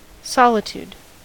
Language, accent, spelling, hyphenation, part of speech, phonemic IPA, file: English, US, solitude, sol‧i‧tude, noun, /ˈsɑlɪˌtud/, En-us-solitude.ogg
- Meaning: 1. Aloneness; the state of being alone, solitary, or by oneself 2. A lonely or deserted place